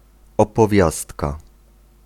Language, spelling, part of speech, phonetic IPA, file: Polish, opowiastka, noun, [ˌɔpɔˈvʲjastka], Pl-opowiastka.ogg